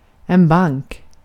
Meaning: 1. a bank (financial institution, branch of such an institution) 2. a bank (place of storage) 3. a bank (of a river of lake) 4. a sandbank
- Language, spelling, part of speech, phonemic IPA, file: Swedish, bank, noun, /ˈbaŋːk/, Sv-bank.ogg